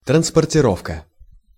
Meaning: transport, transportation, carriage, conveyance, haulage, hauling
- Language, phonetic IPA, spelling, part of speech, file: Russian, [trənspərtʲɪˈrofkə], транспортировка, noun, Ru-транспортировка.ogg